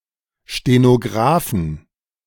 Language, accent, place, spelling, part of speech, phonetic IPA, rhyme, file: German, Germany, Berlin, Stenografen, noun, [ʃtenoˈɡʁaːfn̩], -aːfn̩, De-Stenografen.ogg
- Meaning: plural of Stenograf